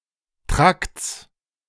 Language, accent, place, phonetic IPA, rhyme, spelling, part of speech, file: German, Germany, Berlin, [tʁakt͡s], -akt͡s, Trakts, noun, De-Trakts.ogg
- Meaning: genitive singular of Trakt